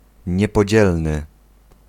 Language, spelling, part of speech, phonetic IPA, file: Polish, niepodzielny, adjective, [ˌɲɛpɔˈd͡ʑɛlnɨ], Pl-niepodzielny.ogg